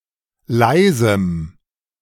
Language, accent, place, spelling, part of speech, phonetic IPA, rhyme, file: German, Germany, Berlin, leisem, adjective, [ˈlaɪ̯zm̩], -aɪ̯zm̩, De-leisem.ogg
- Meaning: strong dative masculine/neuter singular of leise